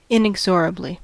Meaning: In an inexorable manner; without the possibility of stopping or prevention
- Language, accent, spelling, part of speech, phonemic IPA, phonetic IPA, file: English, US, inexorably, adverb, /ɪnˈɛk.sə.ɹə.bli/, [ɪnˈɛɡ.zə.ɹə.bli], En-us-inexorably.ogg